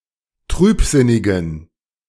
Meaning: inflection of trübsinnig: 1. strong genitive masculine/neuter singular 2. weak/mixed genitive/dative all-gender singular 3. strong/weak/mixed accusative masculine singular 4. strong dative plural
- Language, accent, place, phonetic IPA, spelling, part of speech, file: German, Germany, Berlin, [ˈtʁyːpˌzɪnɪɡn̩], trübsinnigen, adjective, De-trübsinnigen.ogg